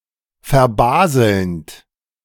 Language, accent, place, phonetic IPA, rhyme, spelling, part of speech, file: German, Germany, Berlin, [fɛɐ̯ˈbaːzl̩nt], -aːzl̩nt, verbaselnd, verb, De-verbaselnd.ogg
- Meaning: present participle of verbaseln